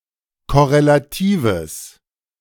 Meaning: strong/mixed nominative/accusative neuter singular of korrelativ
- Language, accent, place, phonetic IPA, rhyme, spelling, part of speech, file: German, Germany, Berlin, [kɔʁelaˈtiːvəs], -iːvəs, korrelatives, adjective, De-korrelatives.ogg